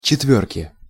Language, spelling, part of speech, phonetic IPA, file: Russian, четвёрки, noun, [t͡ɕɪtˈvʲɵrkʲɪ], Ru-четвёрки.ogg
- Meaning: inflection of четвёрка (četvjórka): 1. genitive singular 2. nominative/accusative plural